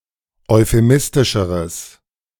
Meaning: strong/mixed nominative/accusative neuter singular comparative degree of euphemistisch
- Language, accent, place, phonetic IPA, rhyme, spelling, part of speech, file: German, Germany, Berlin, [ɔɪ̯feˈmɪstɪʃəʁəs], -ɪstɪʃəʁəs, euphemistischeres, adjective, De-euphemistischeres.ogg